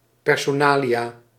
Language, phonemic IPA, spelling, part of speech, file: Dutch, /pɛrsoˈnalija/, personalia, noun, Nl-personalia.ogg
- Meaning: general personal information (such as would be listed on e.g. a curriculum vitae), such as full name, age, place and date of birth, e-mail address, and telephone number